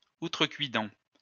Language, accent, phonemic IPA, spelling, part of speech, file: French, France, /u.tʁə.kɥi.dɑ̃/, outrecuidant, verb / adjective, LL-Q150 (fra)-outrecuidant.wav
- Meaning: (verb) present participle of outrecuider; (adjective) overweening, presumptuous